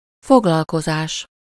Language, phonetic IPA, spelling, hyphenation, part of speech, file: Hungarian, [ˈfoɡlɒlkozaːʃ], foglalkozás, fog‧lal‧ko‧zás, noun, Hu-foglalkozás.ogg
- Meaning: 1. verbal noun of foglalkozik: the act of being occupied with something 2. occupation, trade, job 3. activity, (approximately) (chiefly practical) class or seminar